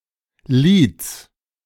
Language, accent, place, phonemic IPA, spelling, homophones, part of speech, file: German, Germany, Berlin, /liːts/, Lieds, Lids, noun, De-Lieds.ogg
- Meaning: genitive singular of Lied